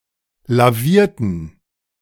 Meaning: inflection of lavieren: 1. first/third-person plural preterite 2. first/third-person plural subjunctive II
- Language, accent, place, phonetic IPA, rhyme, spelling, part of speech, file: German, Germany, Berlin, [laˈviːɐ̯tn̩], -iːɐ̯tn̩, lavierten, adjective / verb, De-lavierten.ogg